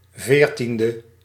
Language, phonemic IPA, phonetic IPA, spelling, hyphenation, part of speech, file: Dutch, /ˈveːrˌtin.də/, [ˈvɪːrˌtin.də], veertiende, veer‧tien‧de, adjective, Nl-veertiende.ogg
- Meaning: fourteenth